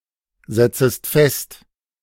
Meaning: second-person singular subjunctive I of festsetzen
- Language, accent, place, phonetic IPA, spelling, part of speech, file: German, Germany, Berlin, [ˌzɛt͡səst ˈfɛst], setzest fest, verb, De-setzest fest.ogg